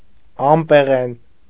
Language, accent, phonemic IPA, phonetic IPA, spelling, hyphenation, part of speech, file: Armenian, Eastern Armenian, /ɑmpeˈʁen/, [ɑmpeʁén], ամպեղեն, ամ‧պե‧ղեն, adjective, Hy-ամպեղեն.ogg
- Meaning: 1. made of clouds 2. very high, reaching the clouds